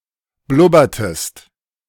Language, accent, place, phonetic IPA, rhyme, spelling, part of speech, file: German, Germany, Berlin, [ˈblʊbɐtəst], -ʊbɐtəst, blubbertest, verb, De-blubbertest.ogg
- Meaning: inflection of blubbern: 1. second-person singular preterite 2. second-person singular subjunctive II